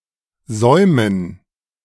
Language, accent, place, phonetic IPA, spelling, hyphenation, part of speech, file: German, Germany, Berlin, [ˈzɔɪ̯mən], Säumen, Säu‧men, noun, De-Säumen.ogg
- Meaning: 1. gerund of säumen 2. dative plural of Saum